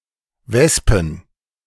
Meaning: plural of Wespe "wasps"
- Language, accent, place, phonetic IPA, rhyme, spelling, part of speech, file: German, Germany, Berlin, [ˈvɛspn̩], -ɛspn̩, Wespen, noun, De-Wespen.ogg